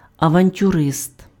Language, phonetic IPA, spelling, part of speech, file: Ukrainian, [ɐʋɐnʲtʲʊˈrɪst], авантюрист, noun, Uk-авантюрист.ogg
- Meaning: 1. adventurist, gambler, risk-taker 2. adventurer